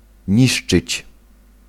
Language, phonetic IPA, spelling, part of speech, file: Polish, [ˈɲiʃt͡ʃɨt͡ɕ], niszczyć, verb, Pl-niszczyć.ogg